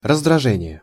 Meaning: irritation, annoyance
- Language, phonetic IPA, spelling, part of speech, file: Russian, [rəzdrɐˈʐɛnʲɪje], раздражение, noun, Ru-раздражение.ogg